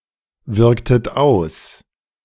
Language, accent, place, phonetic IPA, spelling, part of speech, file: German, Germany, Berlin, [ˌvɪʁktət ˈaʊ̯s], wirktet aus, verb, De-wirktet aus.ogg
- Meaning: inflection of auswirken: 1. second-person plural preterite 2. second-person plural subjunctive II